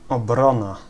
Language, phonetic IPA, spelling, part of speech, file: Polish, [ɔˈbrɔ̃na], obrona, noun, Pl-obrona.ogg